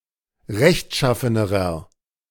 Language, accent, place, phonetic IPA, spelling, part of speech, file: German, Germany, Berlin, [ˈʁɛçtˌʃafənəʁɐ], rechtschaffenerer, adjective, De-rechtschaffenerer.ogg
- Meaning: inflection of rechtschaffen: 1. strong/mixed nominative masculine singular comparative degree 2. strong genitive/dative feminine singular comparative degree